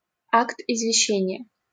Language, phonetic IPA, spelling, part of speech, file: Russian, [ɪzvʲɪˈɕːenʲɪje], извещение, noun, LL-Q7737 (rus)-извещение.wav
- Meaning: notice, notification, announcement, advertisement (public notice)